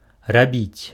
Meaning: to do, to make
- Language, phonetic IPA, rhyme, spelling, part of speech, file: Belarusian, [raˈbʲit͡sʲ], -it͡sʲ, рабіць, verb, Be-рабіць.ogg